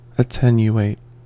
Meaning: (verb) 1. To reduce in size, force, value, amount, or degree 2. To make thinner, as by physically reshaping, starving, or decaying 3. To become thin or fine; to grow less 4. To weaken 5. To rarefy
- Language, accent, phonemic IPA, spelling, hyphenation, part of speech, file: English, US, /əˈtɛn.juˌeɪt/, attenuate, at‧ten‧u‧ate, verb / adjective, En-us-attenuate.ogg